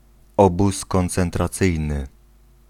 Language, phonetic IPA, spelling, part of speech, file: Polish, [ˈɔbus ˌkɔ̃nt͡sɛ̃ntraˈt͡sɨjnɨ], obóz koncentracyjny, noun, Pl-obóz koncentracyjny.ogg